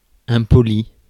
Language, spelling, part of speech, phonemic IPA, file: French, impoli, adjective, /ɛ̃.pɔ.li/, Fr-impoli.ogg
- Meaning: rude; impolite (bad-mannered)